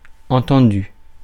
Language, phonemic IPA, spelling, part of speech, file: French, /ɑ̃.tɑ̃.dy/, entendu, verb / adjective, Fr-entendu.ogg
- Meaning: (verb) past participle of entendre; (adjective) 1. understood 2. heard 3. accepted, decided following a discussion